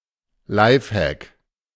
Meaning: lifehack
- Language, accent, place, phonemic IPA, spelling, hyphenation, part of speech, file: German, Germany, Berlin, /ˈlaɪ̯fˌhɛk/, Lifehack, Life‧hack, noun, De-Lifehack.ogg